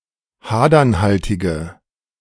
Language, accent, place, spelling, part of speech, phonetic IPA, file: German, Germany, Berlin, hadernhaltige, adjective, [ˈhaːdɐnˌhaltɪɡə], De-hadernhaltige.ogg
- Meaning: inflection of hadernhaltig: 1. strong/mixed nominative/accusative feminine singular 2. strong nominative/accusative plural 3. weak nominative all-gender singular